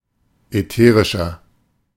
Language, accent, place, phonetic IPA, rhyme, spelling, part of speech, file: German, Germany, Berlin, [ɛˈteːʁɪʃɐ], -eːʁɪʃɐ, ätherischer, adjective, De-ätherischer.ogg
- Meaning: 1. comparative degree of ätherisch 2. inflection of ätherisch: strong/mixed nominative masculine singular 3. inflection of ätherisch: strong genitive/dative feminine singular